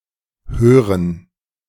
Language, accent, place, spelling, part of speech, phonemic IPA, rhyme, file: German, Germany, Berlin, Hören, noun, /ˈhøːʁən/, -øːʁən, De-Hören.ogg
- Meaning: hearing